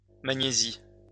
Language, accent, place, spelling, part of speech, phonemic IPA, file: French, France, Lyon, magnésie, noun, /ma.ɲe.zi/, LL-Q150 (fra)-magnésie.wav
- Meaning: magnesia